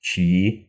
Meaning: inflection of чей (čej): 1. nominative plural 2. inanimate accusative plural
- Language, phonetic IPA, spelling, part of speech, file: Russian, [t͡ɕji], чьи, pronoun, Ru-чьи.ogg